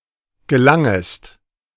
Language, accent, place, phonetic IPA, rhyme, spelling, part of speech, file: German, Germany, Berlin, [ɡəˈlaŋəst], -aŋəst, gelangest, verb, De-gelangest.ogg
- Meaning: second-person singular subjunctive I of gelangen